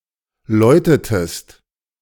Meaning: inflection of läuten: 1. second-person singular preterite 2. second-person singular subjunctive II
- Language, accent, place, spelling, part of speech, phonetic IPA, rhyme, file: German, Germany, Berlin, läutetest, verb, [ˈlɔɪ̯tətəst], -ɔɪ̯tətəst, De-läutetest.ogg